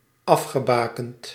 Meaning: past participle of afbakenen
- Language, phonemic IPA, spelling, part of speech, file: Dutch, /ˈɑfxəˌbakənt/, afgebakend, adjective / verb, Nl-afgebakend.ogg